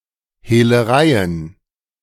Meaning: plural of Hehlerei
- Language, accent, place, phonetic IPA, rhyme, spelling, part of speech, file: German, Germany, Berlin, [heːləˈʁaɪ̯ən], -aɪ̯ən, Hehlereien, noun, De-Hehlereien.ogg